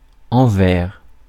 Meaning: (noun) 1. reverse 2. inverse 3. back 4. wrong side 5. other side 6. seamy side ("l'envers de la vie") 7. inside; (preposition) 1. in relation to, toward 2. toward
- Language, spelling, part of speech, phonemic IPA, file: French, envers, noun / preposition, /ɑ̃.vɛʁ/, Fr-envers.ogg